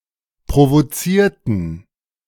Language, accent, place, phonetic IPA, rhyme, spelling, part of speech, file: German, Germany, Berlin, [pʁovoˈt͡siːɐ̯tn̩], -iːɐ̯tn̩, provozierten, adjective / verb, De-provozierten.ogg
- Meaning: inflection of provozieren: 1. first/third-person plural preterite 2. first/third-person plural subjunctive II